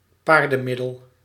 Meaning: a drastic, often desperate remedy or solution
- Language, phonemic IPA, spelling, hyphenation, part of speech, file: Dutch, /ˈpaːr.də(n)mˌɪ.dəl/, paardenmiddel, paar‧den‧mid‧del, noun, Nl-paardenmiddel.ogg